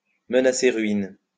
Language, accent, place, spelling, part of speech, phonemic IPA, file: French, France, Lyon, menacer ruine, verb, /mə.na.se ʁɥin/, LL-Q150 (fra)-menacer ruine.wav
- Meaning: to be on the verge of collapsing, to totter, to be crumbling, to be very decayed